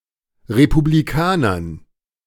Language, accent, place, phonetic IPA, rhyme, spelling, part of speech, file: German, Germany, Berlin, [ʁepubliˈkaːnɐn], -aːnɐn, Republikanern, noun, De-Republikanern.ogg
- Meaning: dative plural of Republikaner